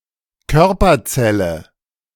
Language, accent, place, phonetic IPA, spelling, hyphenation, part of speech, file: German, Germany, Berlin, [ˈkœʁpɐˌt͡sɛlə], Körperzelle, Kör‧per‧zel‧le, noun, De-Körperzelle.ogg
- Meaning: somatic cell